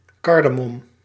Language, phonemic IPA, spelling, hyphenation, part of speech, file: Dutch, /ˈkɑr.dəˌmɔm/, kardemom, kar‧de‧mom, noun, Nl-kardemom.ogg
- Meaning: 1. cardamom (Elettaria cardamomum) 2. cardamom seed, used as a spice